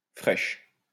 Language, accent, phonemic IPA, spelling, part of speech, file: French, France, /fʁɛʃ/, fraîche, adjective, LL-Q150 (fra)-fraîche.wav
- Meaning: feminine singular of frais